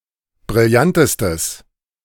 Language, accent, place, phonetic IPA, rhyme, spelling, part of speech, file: German, Germany, Berlin, [bʁɪlˈjantəstəs], -antəstəs, brillantestes, adjective, De-brillantestes.ogg
- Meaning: strong/mixed nominative/accusative neuter singular superlative degree of brillant